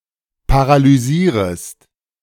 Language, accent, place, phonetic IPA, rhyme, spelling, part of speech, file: German, Germany, Berlin, [paʁalyˈziːʁəst], -iːʁəst, paralysierest, verb, De-paralysierest.ogg
- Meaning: second-person singular subjunctive I of paralysieren